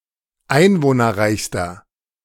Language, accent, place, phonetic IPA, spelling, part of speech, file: German, Germany, Berlin, [ˈaɪ̯nvoːnɐˌʁaɪ̯çstɐ], einwohnerreichster, adjective, De-einwohnerreichster.ogg
- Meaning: inflection of einwohnerreich: 1. strong/mixed nominative masculine singular superlative degree 2. strong genitive/dative feminine singular superlative degree